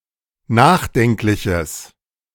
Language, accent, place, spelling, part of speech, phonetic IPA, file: German, Germany, Berlin, nachdenkliches, adjective, [ˈnaːxˌdɛŋklɪçəs], De-nachdenkliches.ogg
- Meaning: strong/mixed nominative/accusative neuter singular of nachdenklich